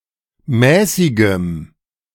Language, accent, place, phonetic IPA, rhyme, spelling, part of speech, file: German, Germany, Berlin, [ˈmɛːsɪɡəm], -ɛːsɪɡəm, mäßigem, adjective, De-mäßigem.ogg
- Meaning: strong dative masculine/neuter singular of mäßig